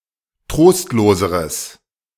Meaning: strong/mixed nominative/accusative neuter singular comparative degree of trostlos
- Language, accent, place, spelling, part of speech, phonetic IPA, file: German, Germany, Berlin, trostloseres, adjective, [ˈtʁoːstloːzəʁəs], De-trostloseres.ogg